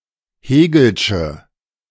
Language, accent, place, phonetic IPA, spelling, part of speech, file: German, Germany, Berlin, [ˈheːɡl̩ʃə], hegelsche, adjective, De-hegelsche.ogg
- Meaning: inflection of hegelsch: 1. strong/mixed nominative/accusative feminine singular 2. strong nominative/accusative plural 3. weak nominative all-gender singular